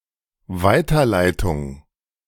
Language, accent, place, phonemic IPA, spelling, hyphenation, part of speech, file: German, Germany, Berlin, /ˈvaɪ̯tɐˌlaɪ̯tʊŋ/, Weiterleitung, Wei‧ter‧lei‧tung, noun, De-Weiterleitung.ogg
- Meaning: 1. forwarding 2. redirection